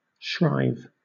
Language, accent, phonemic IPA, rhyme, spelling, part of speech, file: English, Southern England, /ˈʃɹaɪv/, -aɪv, shrive, verb, LL-Q1860 (eng)-shrive.wav
- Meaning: 1. To hear or receive a confession (of sins etc.) 2. To free from guilt, to absolve 3. To prescribe penance or absolution 4. To confess, and receive absolution